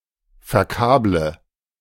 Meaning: inflection of verkabeln: 1. first-person singular present 2. first/third-person singular subjunctive I 3. singular imperative
- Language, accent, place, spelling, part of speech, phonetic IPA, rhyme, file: German, Germany, Berlin, verkable, verb, [fɛɐ̯ˈkaːblə], -aːblə, De-verkable.ogg